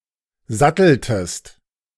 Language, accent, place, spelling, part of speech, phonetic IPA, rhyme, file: German, Germany, Berlin, satteltest, verb, [ˈzatl̩təst], -atl̩təst, De-satteltest.ogg
- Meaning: inflection of satteln: 1. second-person singular preterite 2. second-person singular subjunctive II